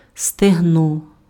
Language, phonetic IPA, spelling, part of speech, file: Ukrainian, [steɦˈnɔ], стегно, noun, Uk-стегно.ogg
- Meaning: thigh